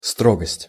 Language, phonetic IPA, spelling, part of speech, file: Russian, [ˈstroɡəsʲtʲ], строгость, noun, Ru-строгость.ogg
- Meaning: 1. severity, austerity 2. strictness